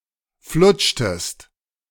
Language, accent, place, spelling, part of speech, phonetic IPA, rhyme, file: German, Germany, Berlin, flutschtest, verb, [ˈflʊt͡ʃtəst], -ʊt͡ʃtəst, De-flutschtest.ogg
- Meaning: inflection of flutschen: 1. second-person singular preterite 2. second-person singular subjunctive II